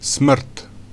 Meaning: death
- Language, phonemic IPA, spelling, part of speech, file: Serbo-Croatian, /smr̩̂t/, smrt, noun, Hr-smrt.ogg